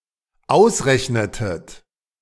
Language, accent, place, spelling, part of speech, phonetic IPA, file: German, Germany, Berlin, ausrechnetet, verb, [ˈaʊ̯sˌʁɛçnətət], De-ausrechnetet.ogg
- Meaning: inflection of ausrechnen: 1. second-person plural dependent preterite 2. second-person plural dependent subjunctive II